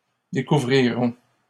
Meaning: third-person plural future of découvrir
- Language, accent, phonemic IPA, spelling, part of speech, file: French, Canada, /de.ku.vʁi.ʁɔ̃/, découvriront, verb, LL-Q150 (fra)-découvriront.wav